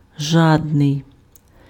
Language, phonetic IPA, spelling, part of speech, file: Ukrainian, [ˈʒadnei̯], жадний, adjective, Uk-жадний.ogg
- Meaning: greedy; avaricious, covetous